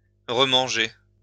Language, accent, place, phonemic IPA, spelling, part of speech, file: French, France, Lyon, /ʁə.mɑ̃.ʒe/, remanger, verb, LL-Q150 (fra)-remanger.wav
- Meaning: to eat again; to resume eating